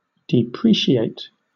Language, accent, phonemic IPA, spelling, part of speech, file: English, Southern England, /dɪˈpɹiːʃɪeɪt/, depreciate, verb, LL-Q1860 (eng)-depreciate.wav
- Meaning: 1. To lessen in price or estimated value; to lower the worth of 2. To decline in value over time 3. To belittle or disparage